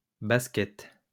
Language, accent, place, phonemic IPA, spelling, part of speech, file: French, France, Lyon, /bas.kɛt/, baskets, noun, LL-Q150 (fra)-baskets.wav
- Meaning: plural of basket